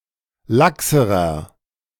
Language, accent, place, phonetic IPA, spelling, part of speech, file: German, Germany, Berlin, [ˈlaksəʁɐ], laxerer, adjective, De-laxerer.ogg
- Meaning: inflection of lax: 1. strong/mixed nominative masculine singular comparative degree 2. strong genitive/dative feminine singular comparative degree 3. strong genitive plural comparative degree